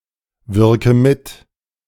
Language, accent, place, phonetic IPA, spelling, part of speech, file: German, Germany, Berlin, [ˌvɪʁkə ˈmɪt], wirke mit, verb, De-wirke mit.ogg
- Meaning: inflection of mitwirken: 1. first-person singular present 2. first/third-person singular subjunctive I 3. singular imperative